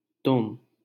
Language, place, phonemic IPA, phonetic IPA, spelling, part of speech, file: Hindi, Delhi, /t̪ʊm/, [t̪ʊ̃m], तुम, pronoun, LL-Q1568 (hin)-तुम.wav
- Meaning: you, ye (mid-level formality and grammatically plural)